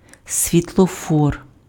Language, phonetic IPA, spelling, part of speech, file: Ukrainian, [sʲʋʲitɫɔˈfɔr], світлофор, noun, Uk-світлофор.ogg
- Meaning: traffic light